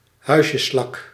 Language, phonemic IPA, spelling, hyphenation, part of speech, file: Dutch, /ˈɦœy̯.ʃə(s)ˌslɑk/, huisjesslak, huis‧jes‧slak, noun, Nl-huisjesslak.ogg
- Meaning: snail, gastropod with a shell